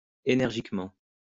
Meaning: energetically
- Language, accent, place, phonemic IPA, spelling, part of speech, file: French, France, Lyon, /e.nɛʁ.ʒik.mɑ̃/, énergiquement, adverb, LL-Q150 (fra)-énergiquement.wav